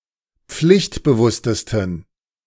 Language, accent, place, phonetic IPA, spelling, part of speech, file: German, Germany, Berlin, [ˈp͡flɪçtbəˌvʊstəstn̩], pflichtbewusstesten, adjective, De-pflichtbewusstesten.ogg
- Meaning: 1. superlative degree of pflichtbewusst 2. inflection of pflichtbewusst: strong genitive masculine/neuter singular superlative degree